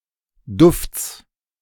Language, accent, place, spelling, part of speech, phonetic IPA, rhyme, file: German, Germany, Berlin, Dufts, noun, [dʊft͡s], -ʊft͡s, De-Dufts.ogg
- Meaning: genitive singular of Duft